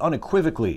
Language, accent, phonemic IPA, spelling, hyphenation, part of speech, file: English, US, /ˌʌnɪˈkwɪvək(ə)li/, unequivocally, un‧equiv‧o‧cal‧ly, adverb, En-us-unequivocally.ogg
- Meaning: In a way that leaves no doubt; in an unequivocal or unambiguous manner, unquestionably